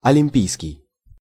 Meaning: Olympic, of Olympus, Olympian
- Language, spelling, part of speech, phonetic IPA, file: Russian, олимпийский, adjective, [ɐlʲɪm⁽ʲ⁾ˈpʲijskʲɪj], Ru-олимпийский.ogg